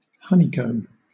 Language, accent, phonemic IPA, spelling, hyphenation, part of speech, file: English, Southern England, /ˈhʌnikəʊm/, honeycomb, hon‧ey‧comb, noun / verb, LL-Q1860 (eng)-honeycomb.wav